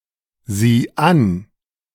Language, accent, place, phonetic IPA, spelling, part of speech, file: German, Germany, Berlin, [ˌziː ˈan], sieh an, verb, De-sieh an.ogg
- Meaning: singular imperative of ansehen